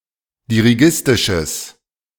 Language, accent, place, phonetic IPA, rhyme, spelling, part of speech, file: German, Germany, Berlin, [diʁiˈɡɪstɪʃəs], -ɪstɪʃəs, dirigistisches, adjective, De-dirigistisches.ogg
- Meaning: strong/mixed nominative/accusative neuter singular of dirigistisch